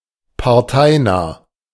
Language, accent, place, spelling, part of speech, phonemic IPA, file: German, Germany, Berlin, parteinah, adjective, /paʁˈtaɪ̯naː/, De-parteinah.ogg
- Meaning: not of a political party